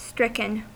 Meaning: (adjective) 1. Struck by something 2. Disabled or incapacitated by something
- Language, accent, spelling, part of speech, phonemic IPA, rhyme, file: English, US, stricken, adjective / verb, /ˈstɹɪkən/, -ɪkən, En-us-stricken.ogg